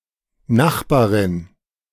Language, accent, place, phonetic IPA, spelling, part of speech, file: German, Germany, Berlin, [ˈnaxbaːʁɪn], Nachbarin, noun, De-Nachbarin.ogg
- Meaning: female neighbor